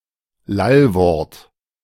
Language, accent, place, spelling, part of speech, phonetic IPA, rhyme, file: German, Germany, Berlin, Lallwort, noun, [ˈlalˌvɔʁt], -alvɔʁt, De-Lallwort.ogg
- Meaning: Lallwort, babble word